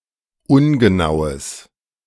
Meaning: strong/mixed nominative/accusative neuter singular of ungenau
- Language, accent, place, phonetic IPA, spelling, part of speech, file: German, Germany, Berlin, [ˈʊnɡəˌnaʊ̯əs], ungenaues, adjective, De-ungenaues.ogg